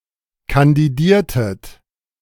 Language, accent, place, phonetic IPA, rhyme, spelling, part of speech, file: German, Germany, Berlin, [kandiˈdiːɐ̯tət], -iːɐ̯tət, kandidiertet, verb, De-kandidiertet.ogg
- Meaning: inflection of kandidieren: 1. second-person plural preterite 2. second-person plural subjunctive II